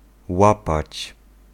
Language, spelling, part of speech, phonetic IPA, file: Polish, łapać, verb, [ˈwapat͡ɕ], Pl-łapać.ogg